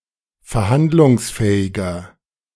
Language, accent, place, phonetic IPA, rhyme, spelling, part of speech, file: German, Germany, Berlin, [fɛɐ̯ˈhandlʊŋsˌfɛːɪɡɐ], -andlʊŋsfɛːɪɡɐ, verhandlungsfähiger, adjective, De-verhandlungsfähiger.ogg
- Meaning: 1. comparative degree of verhandlungsfähig 2. inflection of verhandlungsfähig: strong/mixed nominative masculine singular 3. inflection of verhandlungsfähig: strong genitive/dative feminine singular